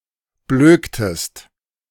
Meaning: inflection of blöken: 1. second-person singular preterite 2. second-person singular subjunctive II
- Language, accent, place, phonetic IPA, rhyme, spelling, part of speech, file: German, Germany, Berlin, [ˈbløːktəst], -øːktəst, blöktest, verb, De-blöktest.ogg